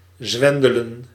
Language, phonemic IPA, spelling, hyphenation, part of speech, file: Dutch, /ˈzʋɛndələ(n)/, zwendelen, zwen‧de‧len, verb, Nl-zwendelen.ogg
- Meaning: 1. to swindle 2. to be dizzy